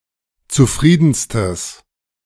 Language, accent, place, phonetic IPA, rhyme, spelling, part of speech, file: German, Germany, Berlin, [t͡suˈfʁiːdn̩stəs], -iːdn̩stəs, zufriedenstes, adjective, De-zufriedenstes.ogg
- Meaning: strong/mixed nominative/accusative neuter singular superlative degree of zufrieden